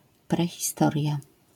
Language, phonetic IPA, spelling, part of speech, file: Polish, [ˌprɛxʲiˈstɔrʲja], prehistoria, noun, LL-Q809 (pol)-prehistoria.wav